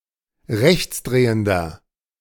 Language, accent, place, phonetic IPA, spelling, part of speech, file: German, Germany, Berlin, [ˈʁɛçt͡sˌdʁeːəndɐ], rechtsdrehender, adjective, De-rechtsdrehender.ogg
- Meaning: inflection of rechtsdrehend: 1. strong/mixed nominative masculine singular 2. strong genitive/dative feminine singular 3. strong genitive plural